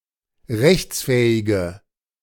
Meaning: inflection of rechtsfähig: 1. strong/mixed nominative/accusative feminine singular 2. strong nominative/accusative plural 3. weak nominative all-gender singular
- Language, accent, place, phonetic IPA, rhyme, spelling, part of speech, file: German, Germany, Berlin, [ˈʁɛçt͡sˌfɛːɪɡə], -ɛçt͡sfɛːɪɡə, rechtsfähige, adjective, De-rechtsfähige.ogg